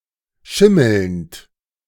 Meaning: present participle of schimmeln
- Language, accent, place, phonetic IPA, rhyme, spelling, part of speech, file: German, Germany, Berlin, [ˈʃɪml̩nt], -ɪml̩nt, schimmelnd, verb, De-schimmelnd.ogg